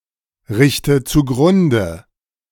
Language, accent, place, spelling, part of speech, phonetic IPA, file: German, Germany, Berlin, richte zugrunde, verb, [ˌʁɪçtə t͡suˈɡʁʊndə], De-richte zugrunde.ogg
- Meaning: inflection of zugrunderichten: 1. first-person singular present 2. first/third-person singular subjunctive I 3. singular imperative